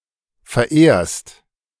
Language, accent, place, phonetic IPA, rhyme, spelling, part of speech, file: German, Germany, Berlin, [fɛɐ̯ˈʔeːɐ̯st], -eːɐ̯st, verehrst, verb, De-verehrst.ogg
- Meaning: second-person singular present of verehren